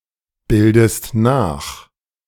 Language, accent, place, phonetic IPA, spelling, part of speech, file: German, Germany, Berlin, [ˌbɪldəst ˈnaːx], bildest nach, verb, De-bildest nach.ogg
- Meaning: inflection of nachbilden: 1. second-person singular present 2. second-person singular subjunctive I